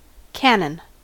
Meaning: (noun) A complete assembly, consisting of an artillery tube and a breech mechanism, firing mechanism or base cap, which is a component of a gun, howitzer or mortar, which may include muzzle appendages
- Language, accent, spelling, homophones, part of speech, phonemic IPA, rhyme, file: English, US, cannon, canon, noun / verb, /ˈkæn.ən/, -ænən, En-us-cannon.ogg